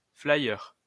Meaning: flyer (leaflet)
- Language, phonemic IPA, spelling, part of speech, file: French, /fla.jœʁ/, flyer, noun, LL-Q150 (fra)-flyer.wav